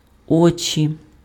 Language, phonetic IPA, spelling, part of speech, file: Ukrainian, [ˈɔt͡ʃʲi], очі, noun, Uk-очі.ogg
- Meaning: nominative/accusative/vocative plural of о́ко (óko)